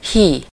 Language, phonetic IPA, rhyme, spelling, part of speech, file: Hungarian, [ˈhiː], -hiː, hí, verb, Hu-hí.ogg
- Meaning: alternative form of hív (“to call”)